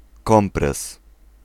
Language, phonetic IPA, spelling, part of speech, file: Polish, [ˈkɔ̃mprɛs], kompres, noun, Pl-kompres.ogg